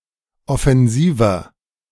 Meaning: 1. comparative degree of offensiv 2. inflection of offensiv: strong/mixed nominative masculine singular 3. inflection of offensiv: strong genitive/dative feminine singular
- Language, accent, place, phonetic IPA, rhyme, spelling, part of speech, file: German, Germany, Berlin, [ɔfɛnˈziːvɐ], -iːvɐ, offensiver, adjective, De-offensiver.ogg